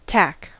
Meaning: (noun) 1. A small nail with a flat head 2. A thumbtack 3. A loose seam used to temporarily fasten pieces of cloth
- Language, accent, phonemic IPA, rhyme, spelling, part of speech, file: English, US, /tæk/, -æk, tack, noun / verb, En-us-tack.ogg